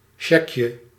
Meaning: diminutive of shag
- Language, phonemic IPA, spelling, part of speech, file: Dutch, /ˈʃɛkjə/, shagje, noun, Nl-shagje.ogg